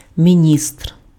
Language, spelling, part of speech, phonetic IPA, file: Ukrainian, міністр, noun, [mʲiˈnʲistr], Uk-міністр.ogg
- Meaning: minister (head of ministry)